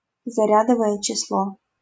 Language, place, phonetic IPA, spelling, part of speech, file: Russian, Saint Petersburg, [zɐˈrʲadəvəjə t͡ɕɪsˈɫo], зарядовое число, noun, LL-Q7737 (rus)-зарядовое число.wav
- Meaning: atomic number (number of protons)